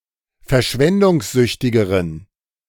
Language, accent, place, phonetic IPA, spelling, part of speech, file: German, Germany, Berlin, [fɛɐ̯ˈʃvɛndʊŋsˌzʏçtɪɡəʁən], verschwendungssüchtigeren, adjective, De-verschwendungssüchtigeren.ogg
- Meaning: inflection of verschwendungssüchtig: 1. strong genitive masculine/neuter singular comparative degree 2. weak/mixed genitive/dative all-gender singular comparative degree